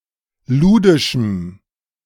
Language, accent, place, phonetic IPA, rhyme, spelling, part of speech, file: German, Germany, Berlin, [ˈluːdɪʃm̩], -uːdɪʃm̩, ludischem, adjective, De-ludischem.ogg
- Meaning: strong dative masculine/neuter singular of ludisch